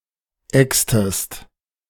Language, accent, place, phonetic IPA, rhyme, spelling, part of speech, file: German, Germany, Berlin, [ˈɛkstəst], -ɛkstəst, extest, verb, De-extest.ogg
- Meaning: inflection of exen: 1. second-person singular preterite 2. second-person singular subjunctive II